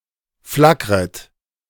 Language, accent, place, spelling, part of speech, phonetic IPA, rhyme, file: German, Germany, Berlin, flackret, verb, [ˈflakʁət], -akʁət, De-flackret.ogg
- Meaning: second-person plural subjunctive I of flackern